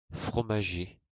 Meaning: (adjective) related to cheese making, especially the industry; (noun) 1. cheesemonger, one who sells cheese 2. cheesemaker, one who makes cheese 3. silk-cotton tree; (verb) to add cheese to
- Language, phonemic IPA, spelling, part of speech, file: French, /fʁɔ.ma.ʒe/, fromager, adjective / noun / verb, LL-Q150 (fra)-fromager.wav